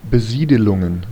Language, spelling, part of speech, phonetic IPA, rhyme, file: German, Besiedelungen, noun, [bəˈziːdəlʊŋən], -iːdəlʊŋən, De-Besiedelungen.ogg
- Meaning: plural of Besiedelung